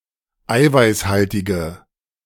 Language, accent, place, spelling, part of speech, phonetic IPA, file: German, Germany, Berlin, eiweißhaltige, adjective, [ˈaɪ̯vaɪ̯sˌhaltɪɡə], De-eiweißhaltige.ogg
- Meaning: inflection of eiweißhaltig: 1. strong/mixed nominative/accusative feminine singular 2. strong nominative/accusative plural 3. weak nominative all-gender singular